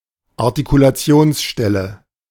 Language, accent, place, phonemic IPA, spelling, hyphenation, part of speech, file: German, Germany, Berlin, /aʁtikulaˈt͡si̯oːnsˌʃtɛlə/, Artikulationsstelle, Ar‧ti‧ku‧la‧ti‧ons‧stel‧le, noun, De-Artikulationsstelle.ogg
- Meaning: place of articulation